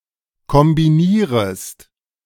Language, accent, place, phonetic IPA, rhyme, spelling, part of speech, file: German, Germany, Berlin, [kɔmbiˈniːʁəst], -iːʁəst, kombinierest, verb, De-kombinierest.ogg
- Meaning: second-person singular subjunctive I of kombinieren